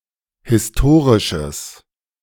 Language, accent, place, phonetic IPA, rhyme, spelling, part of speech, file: German, Germany, Berlin, [hɪsˈtoːʁɪʃəs], -oːʁɪʃəs, historisches, adjective, De-historisches.ogg
- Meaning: strong/mixed nominative/accusative neuter singular of historisch